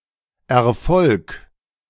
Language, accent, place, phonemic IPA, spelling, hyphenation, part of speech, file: German, Germany, Berlin, /ɛɐ̯ˈfɔlk/, Erfolg, Er‧folg, noun, De-Erfolg.ogg
- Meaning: success